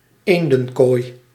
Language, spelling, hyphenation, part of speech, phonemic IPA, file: Dutch, eendenkooi, een‧den‧kooi, noun, /ˈeːn.də(n)ˌkoːi̯/, Nl-eendenkooi.ogg
- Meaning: duck decoy (structure)